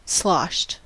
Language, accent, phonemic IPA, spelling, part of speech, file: English, US, /ˈslɑʃt/, sloshed, adjective / verb, En-us-sloshed.ogg
- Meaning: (adjective) Very drunk; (verb) 1. simple past of slosh 2. past participle of slosh